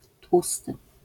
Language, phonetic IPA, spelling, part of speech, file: Polish, [ˈtwustɨ], tłusty, adjective, LL-Q809 (pol)-tłusty.wav